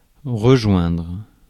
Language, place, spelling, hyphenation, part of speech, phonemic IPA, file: French, Paris, rejoindre, re‧joindre, verb, /ʁə.ʒwɛ̃dʁ/, Fr-rejoindre.ogg
- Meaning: 1. to join, to join up 2. to rejoin, join together 3. to reach (a destination)